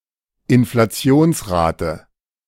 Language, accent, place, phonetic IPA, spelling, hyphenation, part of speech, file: German, Germany, Berlin, [ɪnflaˈt͡si̯oːnsˌʁaːtə], Inflationsrate, In‧fla‧ti‧ons‧ra‧te, noun, De-Inflationsrate.ogg
- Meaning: rate of inflation